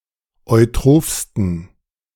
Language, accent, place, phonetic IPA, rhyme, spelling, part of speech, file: German, Germany, Berlin, [ɔɪ̯ˈtʁoːfstn̩], -oːfstn̩, eutrophsten, adjective, De-eutrophsten.ogg
- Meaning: 1. superlative degree of eutroph 2. inflection of eutroph: strong genitive masculine/neuter singular superlative degree